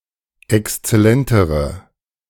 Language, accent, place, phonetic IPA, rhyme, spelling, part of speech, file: German, Germany, Berlin, [ɛkst͡sɛˈlɛntəʁə], -ɛntəʁə, exzellentere, adjective, De-exzellentere.ogg
- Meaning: inflection of exzellent: 1. strong/mixed nominative/accusative feminine singular comparative degree 2. strong nominative/accusative plural comparative degree